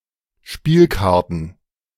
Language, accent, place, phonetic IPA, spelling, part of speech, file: German, Germany, Berlin, [ˈʃpiːlˌkaʁtn̩], Spielkarten, noun, De-Spielkarten.ogg
- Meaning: plural of Spielkarte